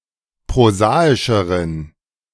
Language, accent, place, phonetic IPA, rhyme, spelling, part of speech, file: German, Germany, Berlin, [pʁoˈzaːɪʃəʁən], -aːɪʃəʁən, prosaischeren, adjective, De-prosaischeren.ogg
- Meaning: inflection of prosaisch: 1. strong genitive masculine/neuter singular comparative degree 2. weak/mixed genitive/dative all-gender singular comparative degree